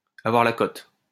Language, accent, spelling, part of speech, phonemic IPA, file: French, France, avoir la cote, verb, /a.vwaʁ la kɔt/, LL-Q150 (fra)-avoir la cote.wav
- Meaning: to be popular